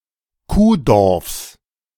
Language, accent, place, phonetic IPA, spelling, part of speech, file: German, Germany, Berlin, [ˈkuːˌdɔʁfs], Kuhdorfs, noun, De-Kuhdorfs.ogg
- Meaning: genitive singular of Kuhdorf